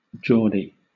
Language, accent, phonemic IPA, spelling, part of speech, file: English, Southern England, /ˈdʒɔːdi/, Geordie, proper noun / noun / adjective, LL-Q1860 (eng)-Geordie.wav
- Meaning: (proper noun) 1. A diminutive of the male given name George 2. A diminutive of the female given names Georgia, Georgiana, Georgette, and Georgina